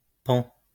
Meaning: third-person singular present indicative of pendre
- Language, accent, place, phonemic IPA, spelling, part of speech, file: French, France, Lyon, /pɑ̃/, pend, verb, LL-Q150 (fra)-pend.wav